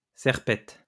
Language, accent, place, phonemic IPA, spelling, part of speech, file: French, France, Lyon, /sɛʁ.pɛt/, serpette, noun, LL-Q150 (fra)-serpette.wav
- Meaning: billhook